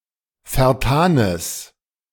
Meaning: strong/mixed nominative/accusative neuter singular of vertan
- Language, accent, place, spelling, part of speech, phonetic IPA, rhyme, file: German, Germany, Berlin, vertanes, adjective, [fɛɐ̯ˈtaːnəs], -aːnəs, De-vertanes.ogg